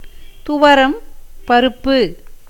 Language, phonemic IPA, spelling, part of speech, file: Tamil, /t̪ʊʋɐɾɐm pɐɾʊpːɯ/, துவரம் பருப்பு, noun, Ta-துவரம் பருப்பு.ogg
- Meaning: lentil, pigeon pea